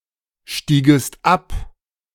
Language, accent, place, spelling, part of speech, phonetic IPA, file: German, Germany, Berlin, stiegest ab, verb, [ˌʃtiːɡəst ˈap], De-stiegest ab.ogg
- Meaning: second-person singular subjunctive II of absteigen